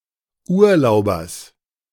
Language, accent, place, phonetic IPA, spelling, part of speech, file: German, Germany, Berlin, [ˈuːɐ̯ˌlaʊ̯bɐs], Urlaubers, noun, De-Urlaubers.ogg
- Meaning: genitive singular of Urlauber